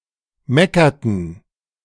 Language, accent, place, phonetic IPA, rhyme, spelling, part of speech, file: German, Germany, Berlin, [ˈmɛkɐtn̩], -ɛkɐtn̩, meckerten, verb, De-meckerten.ogg
- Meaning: inflection of meckern: 1. first/third-person plural preterite 2. first/third-person plural subjunctive II